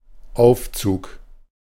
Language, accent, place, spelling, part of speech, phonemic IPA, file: German, Germany, Berlin, Aufzug, noun, /ˈʔaʊ̯ftsuːk/, De-Aufzug.ogg
- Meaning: 1. verbal noun of aufziehen 2. Clipping of Aufzugsanlage: lift, elevator 3. winding (of a watch) 4. act 5. getup, outfit 6. approach, gathering (of weather) 7. deployment, marching-up